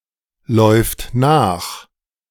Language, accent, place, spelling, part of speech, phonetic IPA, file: German, Germany, Berlin, läuft nach, verb, [ˌlɔɪ̯ft ˈnaːx], De-läuft nach.ogg
- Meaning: third-person singular present of nachlaufen